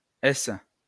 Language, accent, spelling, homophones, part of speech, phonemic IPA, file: French, France, esse, ace / aces / ès / esses, noun, /ɛs/, LL-Q150 (fra)-esse.wav
- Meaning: The name of the Latin script letter S/s